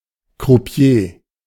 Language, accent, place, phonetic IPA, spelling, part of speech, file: German, Germany, Berlin, [kʁuˈpi̯eː], Croupier, noun, De-Croupier.ogg
- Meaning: croupier (male or of unspecified gender)